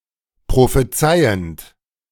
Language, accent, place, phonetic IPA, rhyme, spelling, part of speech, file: German, Germany, Berlin, [pʁofeˈt͡saɪ̯ənt], -aɪ̯ənt, prophezeiend, verb, De-prophezeiend.ogg
- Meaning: present participle of prophezeien